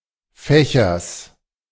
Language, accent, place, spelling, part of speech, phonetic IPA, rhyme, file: German, Germany, Berlin, Fächers, noun, [ˈfɛçɐs], -ɛçɐs, De-Fächers.ogg
- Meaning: genitive singular of Fächer